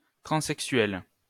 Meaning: feminine singular of transexuel
- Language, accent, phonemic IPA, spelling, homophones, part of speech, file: French, France, /tʁɑ̃.sɛk.sɥɛl/, transexuelle, transexuel / transexuelles / transexuels / transsexuel / transsexuelle / transsexuelles / transsexuels, adjective, LL-Q150 (fra)-transexuelle.wav